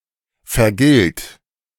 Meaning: inflection of vergelten: 1. third-person singular present 2. singular imperative
- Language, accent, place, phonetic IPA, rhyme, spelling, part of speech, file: German, Germany, Berlin, [fɛɐ̯ˈɡɪlt], -ɪlt, vergilt, verb, De-vergilt.ogg